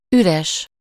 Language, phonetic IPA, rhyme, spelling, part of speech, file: Hungarian, [ˈyrɛʃ], -ɛʃ, üres, adjective, Hu-üres.ogg
- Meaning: 1. empty 2. void